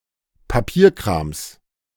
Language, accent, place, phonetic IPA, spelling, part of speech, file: German, Germany, Berlin, [paˈpiːɐ̯kʁaːms], Papierkrams, noun, De-Papierkrams.ogg
- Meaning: genitive singular of Papierkram